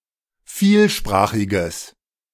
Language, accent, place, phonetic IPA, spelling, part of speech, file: German, Germany, Berlin, [ˈfiːlˌʃpʁaːxɪɡəs], vielsprachiges, adjective, De-vielsprachiges.ogg
- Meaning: strong/mixed nominative/accusative neuter singular of vielsprachig